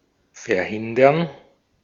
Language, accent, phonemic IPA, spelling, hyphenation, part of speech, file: German, Austria, /fɛɐ̯ˈhɪndɐn/, verhindern, ver‧hin‧dern, verb, De-at-verhindern.ogg
- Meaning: to prevent, to inhibit, to keep (something) from happening